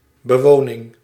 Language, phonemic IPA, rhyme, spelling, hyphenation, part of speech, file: Dutch, /bəˈʋoː.nɪŋ/, -oːnɪŋ, bewoning, be‧wo‧ning, noun, Nl-bewoning.ogg
- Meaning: habitation, act of inhabiting